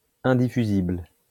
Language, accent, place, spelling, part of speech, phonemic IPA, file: French, France, Lyon, indiffusible, adjective, /ɛ̃.di.fy.zibl/, LL-Q150 (fra)-indiffusible.wav
- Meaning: indiffusible